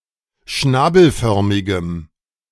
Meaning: strong dative masculine/neuter singular of schnabelförmig
- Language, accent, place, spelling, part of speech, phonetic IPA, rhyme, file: German, Germany, Berlin, schnabelförmigem, adjective, [ˈʃnaːbl̩ˌfœʁmɪɡəm], -aːbl̩fœʁmɪɡəm, De-schnabelförmigem.ogg